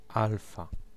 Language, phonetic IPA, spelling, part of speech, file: Polish, [ˈalfa], alfa, noun / adjective, Pl-alfa.ogg